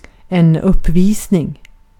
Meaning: a display, performance, show
- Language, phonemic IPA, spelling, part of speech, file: Swedish, /²ɵpˌviːsnɪŋ/, uppvisning, noun, Sv-uppvisning.ogg